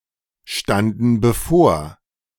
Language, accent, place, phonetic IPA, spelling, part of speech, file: German, Germany, Berlin, [ˌʃtandn̩ bəˈfoːɐ̯], standen bevor, verb, De-standen bevor.ogg
- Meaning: first/third-person plural preterite of bevorstehen